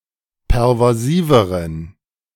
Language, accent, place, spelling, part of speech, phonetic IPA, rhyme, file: German, Germany, Berlin, pervasiveren, adjective, [pɛʁvaˈziːvəʁən], -iːvəʁən, De-pervasiveren.ogg
- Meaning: inflection of pervasiv: 1. strong genitive masculine/neuter singular comparative degree 2. weak/mixed genitive/dative all-gender singular comparative degree